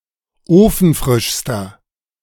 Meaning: inflection of ofenfrisch: 1. strong/mixed nominative masculine singular superlative degree 2. strong genitive/dative feminine singular superlative degree 3. strong genitive plural superlative degree
- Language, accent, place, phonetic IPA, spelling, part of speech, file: German, Germany, Berlin, [ˈoːfn̩ˌfʁɪʃstɐ], ofenfrischster, adjective, De-ofenfrischster.ogg